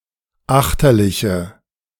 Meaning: inflection of achterlich: 1. strong/mixed nominative/accusative feminine singular 2. strong nominative/accusative plural 3. weak nominative all-gender singular
- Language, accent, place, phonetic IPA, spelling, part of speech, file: German, Germany, Berlin, [ˈaxtɐlɪçə], achterliche, adjective, De-achterliche.ogg